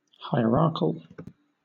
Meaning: 1. Relating to a hierarch 2. Synonym of hierarchical (“pertaining to a hierarchy (ranking)”)
- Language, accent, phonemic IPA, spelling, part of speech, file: English, Southern England, /haɪəˈɹɑː(ɹ)kəl/, hierarchal, adjective, LL-Q1860 (eng)-hierarchal.wav